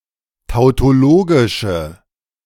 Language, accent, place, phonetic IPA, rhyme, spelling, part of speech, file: German, Germany, Berlin, [taʊ̯toˈloːɡɪʃə], -oːɡɪʃə, tautologische, adjective, De-tautologische.ogg
- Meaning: inflection of tautologisch: 1. strong/mixed nominative/accusative feminine singular 2. strong nominative/accusative plural 3. weak nominative all-gender singular